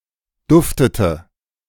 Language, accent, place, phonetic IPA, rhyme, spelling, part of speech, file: German, Germany, Berlin, [ˈdʊftətə], -ʊftətə, duftete, verb, De-duftete.ogg
- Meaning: inflection of duften: 1. first/third-person singular preterite 2. first/third-person singular subjunctive II